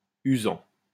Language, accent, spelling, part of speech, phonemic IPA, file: French, France, usant, verb / adjective, /y.zɑ̃/, LL-Q150 (fra)-usant.wav
- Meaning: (verb) present participle of user; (adjective) tiring, tiresome, exhausting, taxing